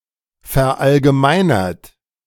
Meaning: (verb) past participle of verallgemeinern; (adjective) generalized; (verb) inflection of verallgemeinern: 1. third-person singular present 2. second-person plural present 3. plural imperative
- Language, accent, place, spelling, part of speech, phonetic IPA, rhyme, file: German, Germany, Berlin, verallgemeinert, verb, [fɛɐ̯ʔalɡəˈmaɪ̯nɐt], -aɪ̯nɐt, De-verallgemeinert.ogg